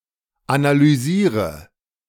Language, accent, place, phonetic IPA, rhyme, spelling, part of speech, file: German, Germany, Berlin, [analyˈziːʁə], -iːʁə, analysiere, verb, De-analysiere.ogg
- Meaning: inflection of analysieren: 1. first-person singular present 2. singular imperative 3. first/third-person singular subjunctive I